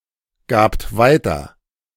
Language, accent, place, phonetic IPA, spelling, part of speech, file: German, Germany, Berlin, [ˌɡaːpt ˈvaɪ̯tɐ], gabt weiter, verb, De-gabt weiter.ogg
- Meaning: second-person plural preterite of weitergeben